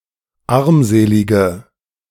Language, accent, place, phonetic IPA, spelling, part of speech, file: German, Germany, Berlin, [ˈaʁmˌzeːlɪɡə], armselige, adjective, De-armselige.ogg
- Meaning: inflection of armselig: 1. strong/mixed nominative/accusative feminine singular 2. strong nominative/accusative plural 3. weak nominative all-gender singular